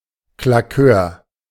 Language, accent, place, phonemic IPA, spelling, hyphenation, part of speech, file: German, Germany, Berlin, /klaˈkøːɐ̯/, Claqueur, Cla‧queur, noun, De-Claqueur.ogg
- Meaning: claqueur (person paid to clap at theatre performances)